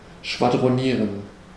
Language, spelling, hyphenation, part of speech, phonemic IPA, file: German, schwadronieren, schwa‧dro‧nie‧ren, verb, /ʃvadʁoˈniːʁən/, De-schwadronieren.ogg
- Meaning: to ramble, to rant (to talk in a voluminous and brash manner)